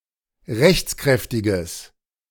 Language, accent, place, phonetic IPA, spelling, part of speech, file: German, Germany, Berlin, [ˈʁɛçt͡sˌkʁɛftɪɡəs], rechtskräftiges, adjective, De-rechtskräftiges.ogg
- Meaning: strong/mixed nominative/accusative neuter singular of rechtskräftig